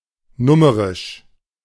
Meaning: alternative form of numerisch (“numeric”)
- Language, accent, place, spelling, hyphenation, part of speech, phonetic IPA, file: German, Germany, Berlin, nummerisch, num‧me‧risch, adjective, [ˈnʊməʁɪʃ], De-nummerisch.ogg